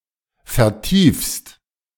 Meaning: second-person singular present of vertiefen
- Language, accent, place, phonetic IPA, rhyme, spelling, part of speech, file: German, Germany, Berlin, [fɛɐ̯ˈtiːfst], -iːfst, vertiefst, verb, De-vertiefst.ogg